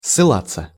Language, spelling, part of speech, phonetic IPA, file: Russian, ссылаться, verb, [sːɨˈɫat͡sːə], Ru-ссылаться.ogg
- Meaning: 1. to refer to, to allude to, to cite, to quote 2. passive of ссыла́ть (ssylátʹ)